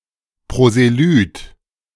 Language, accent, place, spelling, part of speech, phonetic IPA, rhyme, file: German, Germany, Berlin, Proselyt, noun, [pʁozeˈlyːt], -yːt, De-Proselyt.ogg
- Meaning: proselyte